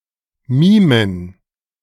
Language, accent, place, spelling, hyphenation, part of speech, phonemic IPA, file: German, Germany, Berlin, mimen, mi‧men, verb, /ˈmiːmən/, De-mimen.ogg
- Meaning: to mime